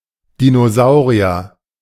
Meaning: dinosaur
- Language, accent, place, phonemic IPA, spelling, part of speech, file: German, Germany, Berlin, /di.noˈzaʊ̯.ʁi.ɐ/, Dinosaurier, noun, De-Dinosaurier.ogg